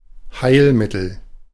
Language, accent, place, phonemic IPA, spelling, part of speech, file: German, Germany, Berlin, /ˈhaɪ̯lˌmɪtl̩/, Heilmittel, noun, De-Heilmittel.ogg
- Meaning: remedy (a medicine, application, or treatment that relieves or cures a disease)